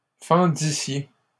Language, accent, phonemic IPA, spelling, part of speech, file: French, Canada, /fɑ̃.di.sje/, fendissiez, verb, LL-Q150 (fra)-fendissiez.wav
- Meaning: second-person plural imperfect subjunctive of fendre